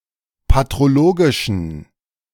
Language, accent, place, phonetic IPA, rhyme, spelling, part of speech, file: German, Germany, Berlin, [patʁoˈloːɡɪʃn̩], -oːɡɪʃn̩, patrologischen, adjective, De-patrologischen.ogg
- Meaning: inflection of patrologisch: 1. strong genitive masculine/neuter singular 2. weak/mixed genitive/dative all-gender singular 3. strong/weak/mixed accusative masculine singular 4. strong dative plural